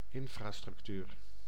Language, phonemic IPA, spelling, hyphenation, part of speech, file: Dutch, /ˈɪɱfrastrʏktyr/, infrastructuur, in‧fra‧struc‧tuur, noun, Nl-infrastructuur.ogg
- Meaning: infrastructure